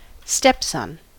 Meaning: The son of one's spouse from a previous relationship
- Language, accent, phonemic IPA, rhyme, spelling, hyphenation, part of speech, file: English, US, /ˈstɛpsʌn/, -ɛpsʌn, stepson, step‧son, noun, En-us-stepson.ogg